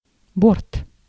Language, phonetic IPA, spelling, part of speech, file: Russian, [bort], борт, noun, Ru-борт.ogg
- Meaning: 1. board, side 2. aircraft, flight 3. breast (of a jacket or coat)